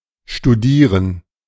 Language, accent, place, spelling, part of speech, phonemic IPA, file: German, Germany, Berlin, studieren, verb, /ʃtuˈdiːrən/, De-studieren.ogg
- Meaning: 1. to study at university or college level; to be a student (of) 2. to study scientifically; to research; to perform a study on 3. to look at minutely; to study; to peruse; to analyse